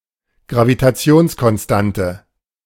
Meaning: gravitational constant
- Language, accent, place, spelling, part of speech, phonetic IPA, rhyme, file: German, Germany, Berlin, Gravitationskonstante, noun, [ɡʁavitaˈt͡si̯oːnskɔnˌstantə], -oːnskɔnstantə, De-Gravitationskonstante.ogg